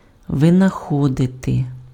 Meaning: to invent
- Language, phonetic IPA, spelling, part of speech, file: Ukrainian, [ʋenɐˈxɔdete], винаходити, verb, Uk-винаходити.ogg